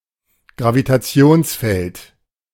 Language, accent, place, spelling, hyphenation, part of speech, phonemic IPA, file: German, Germany, Berlin, Gravitationsfeld, Gra‧vi‧ta‧ti‧ons‧feld, noun, /ɡʁavitaˈt͡si̯oːnsˌfɛlt/, De-Gravitationsfeld.ogg
- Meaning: gravitational field